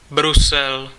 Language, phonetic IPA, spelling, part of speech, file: Czech, [ˈbrusɛl], Brusel, proper noun, Cs-Brusel.ogg
- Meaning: Brussels (the capital city of Belgium)